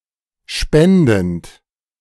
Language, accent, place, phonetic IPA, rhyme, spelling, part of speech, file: German, Germany, Berlin, [ˈʃpɛndn̩t], -ɛndn̩t, spendend, verb, De-spendend.ogg
- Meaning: present participle of spenden